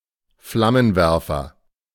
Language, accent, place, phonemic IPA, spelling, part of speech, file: German, Germany, Berlin, /ˈflamənˌvɛʁfɐ/, Flammenwerfer, noun, De-Flammenwerfer.ogg
- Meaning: 1. flamethrower (weapon) 2. blowlamp; flame gun (similar device used for heating, burning out weeds, etc.)